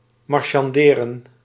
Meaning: to haggle, to bargain
- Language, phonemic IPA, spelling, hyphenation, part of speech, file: Dutch, /ˌmɑr.ʃɑnˈdeː.rə(n)/, marchanderen, mar‧chan‧de‧ren, verb, Nl-marchanderen.ogg